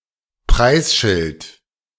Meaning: price label, price tag
- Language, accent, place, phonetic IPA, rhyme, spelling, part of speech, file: German, Germany, Berlin, [ˈpʁaɪ̯sˌʃɪlt], -aɪ̯sʃɪlt, Preisschild, noun, De-Preisschild.ogg